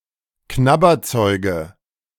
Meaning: dative singular of Knabberzeug
- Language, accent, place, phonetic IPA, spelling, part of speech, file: German, Germany, Berlin, [ˈknabɐˌt͡sɔɪ̯ɡə], Knabberzeuge, noun, De-Knabberzeuge.ogg